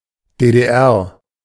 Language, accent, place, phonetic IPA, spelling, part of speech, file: German, Germany, Berlin, [ˌdeːdeːˈʔɛʁ], DDR, proper noun, De-DDR.ogg
- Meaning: initialism of Deutsche Demokratische Republik (= German Democratic Republic), official name of East Germany: A former Communist country of Central Europe, existing between 1949 and 1990: GDR